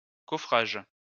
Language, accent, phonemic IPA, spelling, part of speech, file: French, France, /kɔ.fʁaʒ/, coffrage, noun, LL-Q150 (fra)-coffrage.wav
- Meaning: formwork